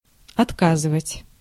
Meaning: 1. to deny, to refuse, to decline 2. to break, to fail, to stop working
- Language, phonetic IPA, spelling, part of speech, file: Russian, [ɐtˈkazɨvətʲ], отказывать, verb, Ru-отказывать.ogg